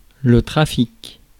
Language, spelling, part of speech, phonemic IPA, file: French, trafic, noun, /tʁa.fik/, Fr-trafic.ogg
- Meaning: 1. traffic (commerce) 2. traffic (illegal trafficking) 3. traffic (people, vehicles)